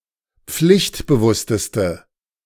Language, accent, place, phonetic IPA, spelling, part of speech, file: German, Germany, Berlin, [ˈp͡flɪçtbəˌvʊstəstə], pflichtbewussteste, adjective, De-pflichtbewussteste.ogg
- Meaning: inflection of pflichtbewusst: 1. strong/mixed nominative/accusative feminine singular superlative degree 2. strong nominative/accusative plural superlative degree